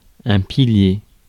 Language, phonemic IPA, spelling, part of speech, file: French, /pi.lje/, pilier, noun, Fr-pilier.ogg
- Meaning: 1. pillar 2. prop